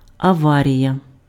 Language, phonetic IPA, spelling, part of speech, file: Ukrainian, [ɐˈʋarʲijɐ], аварія, noun, Uk-аварія.ogg
- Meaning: accident, wreck